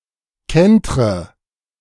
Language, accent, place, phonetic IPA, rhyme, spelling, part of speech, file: German, Germany, Berlin, [ˈkɛntʁə], -ɛntʁə, kentre, verb, De-kentre.ogg
- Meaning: inflection of kentern: 1. first-person singular present 2. first/third-person singular subjunctive I 3. singular imperative